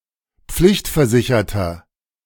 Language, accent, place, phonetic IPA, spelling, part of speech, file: German, Germany, Berlin, [ˈp͡flɪçtfɛɐ̯ˌzɪçɐtɐ], pflichtversicherter, adjective, De-pflichtversicherter.ogg
- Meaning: inflection of pflichtversichert: 1. strong/mixed nominative masculine singular 2. strong genitive/dative feminine singular 3. strong genitive plural